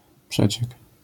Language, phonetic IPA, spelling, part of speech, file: Polish, [ˈpʃɛt͡ɕɛk], przeciek, noun, LL-Q809 (pol)-przeciek.wav